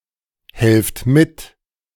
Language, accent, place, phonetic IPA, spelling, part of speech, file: German, Germany, Berlin, [ˌhɛlft ˈmɪt], helft mit, verb, De-helft mit.ogg
- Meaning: inflection of mithelfen: 1. second-person plural present 2. plural imperative